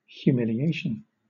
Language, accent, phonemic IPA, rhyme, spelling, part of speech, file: English, Southern England, /hjuːˌmɪliˈeɪʃən/, -eɪʃən, humiliation, noun, LL-Q1860 (eng)-humiliation.wav
- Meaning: 1. The act of humiliating or humbling someone; abasement of pride; mortification 2. The state of being humiliated, humbled or reduced to lowliness or submission